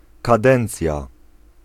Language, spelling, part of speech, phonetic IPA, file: Polish, kadencja, noun, [kaˈdɛ̃nt͡sʲja], Pl-kadencja.ogg